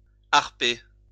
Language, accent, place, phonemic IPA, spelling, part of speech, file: French, France, Lyon, /aʁ.pe/, harper, verb, LL-Q150 (fra)-harper.wav
- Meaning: to grasp forcefully